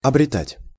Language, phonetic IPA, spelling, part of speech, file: Russian, [ɐbrʲɪˈtatʲ], обретать, verb, Ru-обретать.ogg
- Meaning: to gain, to acquire, to be blessed with